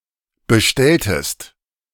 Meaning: inflection of bestellen: 1. second-person singular preterite 2. second-person singular subjunctive II
- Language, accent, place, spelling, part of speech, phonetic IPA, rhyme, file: German, Germany, Berlin, bestelltest, verb, [bəˈʃtɛltəst], -ɛltəst, De-bestelltest.ogg